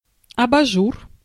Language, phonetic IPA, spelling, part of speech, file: Russian, [ɐbɐˈʐur], абажур, noun, Ru-абажур.ogg
- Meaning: 1. lampshade 2. a visor, worn on the forehead to protect one's eyes from the sun 3. head 4. order, norm (pun on ажу́р (ažúr))